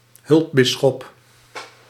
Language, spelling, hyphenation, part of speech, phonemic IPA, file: Dutch, hulpbisschop, hulp‧bis‧schop, noun, /ˈɦʏlpˌbɪ.sxɔp/, Nl-hulpbisschop.ogg
- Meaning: an auxiliary bishop